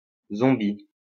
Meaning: 1. alternative spelling of zombi 2. feminine singular of zombi
- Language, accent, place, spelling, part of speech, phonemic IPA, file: French, France, Lyon, zombie, adjective, /zɔ̃.bi/, LL-Q150 (fra)-zombie.wav